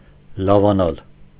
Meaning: 1. to get better, recover, convalesce 2. to get better, improve
- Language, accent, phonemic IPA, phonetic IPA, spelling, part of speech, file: Armenian, Eastern Armenian, /lɑvɑˈnɑl/, [lɑvɑnɑ́l], լավանալ, verb, Hy-լավանալ.ogg